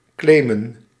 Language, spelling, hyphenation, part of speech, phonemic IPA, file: Dutch, claimen, clai‧men, verb, /ˈkleːmə(n)/, Nl-claimen.ogg
- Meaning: to claim, to demand possession, control or responsibility